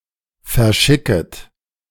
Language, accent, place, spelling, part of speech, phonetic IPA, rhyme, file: German, Germany, Berlin, verschicket, verb, [fɛɐ̯ˈʃɪkət], -ɪkət, De-verschicket.ogg
- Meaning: second-person plural subjunctive I of verschicken